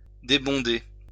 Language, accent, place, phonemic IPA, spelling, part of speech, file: French, France, Lyon, /de.bɔ̃.de/, débonder, verb, LL-Q150 (fra)-débonder.wav
- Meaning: 1. to unbung, uncork 2. to pour out (one's heart) 3. to pour out, flood out 4. to become unbunged 5. to lose liquid quickly